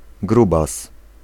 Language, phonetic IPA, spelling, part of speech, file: Polish, [ˈɡrubas], grubas, noun, Pl-grubas.ogg